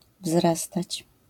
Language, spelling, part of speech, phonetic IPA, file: Polish, wzrastać, verb, [ˈvzrastat͡ɕ], LL-Q809 (pol)-wzrastać.wav